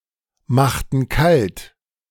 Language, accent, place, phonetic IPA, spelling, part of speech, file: German, Germany, Berlin, [ˌmaxtn̩ ˈkalt], machten kalt, verb, De-machten kalt.ogg
- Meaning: inflection of kaltmachen: 1. first/third-person plural preterite 2. first/third-person plural subjunctive II